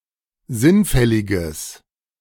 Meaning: strong/mixed nominative/accusative neuter singular of sinnfällig
- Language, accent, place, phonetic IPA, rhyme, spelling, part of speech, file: German, Germany, Berlin, [ˈzɪnˌfɛlɪɡəs], -ɪnfɛlɪɡəs, sinnfälliges, adjective, De-sinnfälliges.ogg